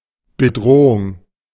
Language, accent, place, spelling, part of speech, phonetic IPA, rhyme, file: German, Germany, Berlin, Bedrohung, noun, [bəˈdʁoːʊŋ], -oːʊŋ, De-Bedrohung.ogg
- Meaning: threat (indication of imminent danger)